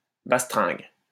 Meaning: 1. dance hall 2. din, racket, noise
- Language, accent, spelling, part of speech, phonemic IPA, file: French, France, bastringue, noun, /bas.tʁɛ̃ɡ/, LL-Q150 (fra)-bastringue.wav